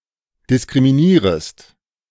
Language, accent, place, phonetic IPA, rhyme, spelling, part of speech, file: German, Germany, Berlin, [dɪskʁimiˈniːʁəst], -iːʁəst, diskriminierest, verb, De-diskriminierest.ogg
- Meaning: second-person singular subjunctive I of diskriminieren